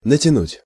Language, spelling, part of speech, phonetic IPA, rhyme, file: Russian, натянуть, verb, [nətʲɪˈnutʲ], -utʲ, Ru-натянуть.ogg
- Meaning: 1. to stretch, to pull (taut) 2. to pull on